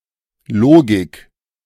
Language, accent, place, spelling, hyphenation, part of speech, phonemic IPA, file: German, Germany, Berlin, Logik, Lo‧gik, noun, /ˈloːɡɪk/, De-Logik.ogg
- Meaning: logic